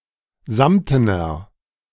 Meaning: inflection of samten: 1. strong/mixed nominative masculine singular 2. strong genitive/dative feminine singular 3. strong genitive plural
- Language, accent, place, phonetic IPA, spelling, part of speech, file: German, Germany, Berlin, [ˈzamtənɐ], samtener, adjective, De-samtener.ogg